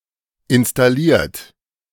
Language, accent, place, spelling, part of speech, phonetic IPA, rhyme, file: German, Germany, Berlin, installiert, verb, [ɪnstaˈliːɐ̯t], -iːɐ̯t, De-installiert.ogg
- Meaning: 1. past participle of installieren 2. inflection of installieren: third-person singular present 3. inflection of installieren: second-person plural present